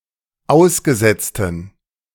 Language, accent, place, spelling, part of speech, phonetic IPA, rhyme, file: German, Germany, Berlin, ausgesetzten, adjective, [ˈaʊ̯sɡəˌzɛt͡stn̩], -aʊ̯sɡəzɛt͡stn̩, De-ausgesetzten.ogg
- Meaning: inflection of ausgesetzt: 1. strong genitive masculine/neuter singular 2. weak/mixed genitive/dative all-gender singular 3. strong/weak/mixed accusative masculine singular 4. strong dative plural